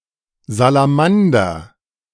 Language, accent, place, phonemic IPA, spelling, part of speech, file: German, Germany, Berlin, /zalaˈmandɐ/, Salamander, noun, De-Salamander.ogg
- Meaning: 1. salamander 2. salamander broiler 3. A drinking ritual in German fraternities characterised by the simultaneous knocking or rubbing of glasses on the table before or after emptying them